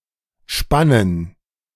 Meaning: plural of Spanne
- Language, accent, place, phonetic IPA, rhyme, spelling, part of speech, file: German, Germany, Berlin, [ˈʃpanən], -anən, Spannen, noun, De-Spannen.ogg